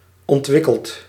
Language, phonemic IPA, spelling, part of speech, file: Dutch, /ɔntˈwɪkəlt/, ontwikkeld, adjective / verb, Nl-ontwikkeld.ogg
- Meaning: past participle of ontwikkelen